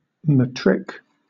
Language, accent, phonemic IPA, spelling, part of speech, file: English, Southern England, /məˈtɹɪk/, matric, noun, LL-Q1860 (eng)-matric.wav
- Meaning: 1. The final year of high school 2. Someone in their final year of high school 3. Alternative letter-case form of Matric